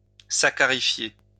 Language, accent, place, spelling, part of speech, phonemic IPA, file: French, France, Lyon, saccharifier, verb, /sa.ka.ʁi.fje/, LL-Q150 (fra)-saccharifier.wav
- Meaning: alternative form of saccarifier